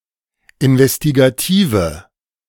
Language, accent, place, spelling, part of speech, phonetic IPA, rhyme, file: German, Germany, Berlin, investigative, adjective, [ɪnvɛstiɡaˈtiːvə], -iːvə, De-investigative.ogg
- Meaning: inflection of investigativ: 1. strong/mixed nominative/accusative feminine singular 2. strong nominative/accusative plural 3. weak nominative all-gender singular